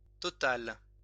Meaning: feminine singular of total
- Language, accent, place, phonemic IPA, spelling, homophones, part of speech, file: French, France, Lyon, /tɔ.tal/, totale, total / totales, adjective, LL-Q150 (fra)-totale.wav